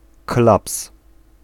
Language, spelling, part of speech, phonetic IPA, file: Polish, klaps, noun, [klaps], Pl-klaps.ogg